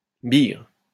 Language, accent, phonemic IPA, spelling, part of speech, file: French, France, /biɡʁ/, bigre, noun / interjection, LL-Q150 (fra)-bigre.wav
- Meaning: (noun) a forest ranger who sought out swarms of bees in the forest, tended to them, and gathered their honey and wax; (interjection) bugger!